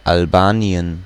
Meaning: Albania (a country in Southeastern Europe)
- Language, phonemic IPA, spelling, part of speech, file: German, /alˈbaːni̯ən/, Albanien, proper noun, De-Albanien.ogg